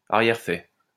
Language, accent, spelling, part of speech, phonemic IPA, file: French, France, arrière-faix, noun, /a.ʁjɛʁ.fɛ/, LL-Q150 (fra)-arrière-faix.wav
- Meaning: afterbirth, secundines (placenta and other material expelled via the birth canal following childbirth or parturition in mammals)